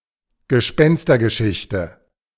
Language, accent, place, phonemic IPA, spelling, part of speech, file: German, Germany, Berlin, /ɡəˈʃpɛnstɐɡəˌʃɪçtə/, Gespenstergeschichte, noun, De-Gespenstergeschichte.ogg
- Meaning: ghost story